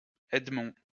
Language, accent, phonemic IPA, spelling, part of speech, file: French, France, /ɛd.mɔ̃/, Edmond, proper noun, LL-Q150 (fra)-Edmond.wav
- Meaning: a male given name, equivalent to English Edmund